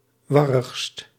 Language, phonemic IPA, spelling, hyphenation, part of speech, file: Dutch, /ˈʋɑrəxst/, warrigst, war‧rigst, adjective, Nl-warrigst.ogg
- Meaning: superlative degree of warrig